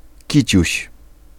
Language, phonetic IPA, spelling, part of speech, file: Polish, [ˈcit͡ɕüɕ], kiciuś, noun, Pl-kiciuś.ogg